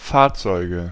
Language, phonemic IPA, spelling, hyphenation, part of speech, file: German, /ˈfaːɐ̯t͡sɔɪ̯ɡə/, Fahrzeuge, Fahr‧zeu‧ge, noun, De-Fahrzeuge.ogg
- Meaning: nominative/accusative/genitive plural of Fahrzeug "vehicles"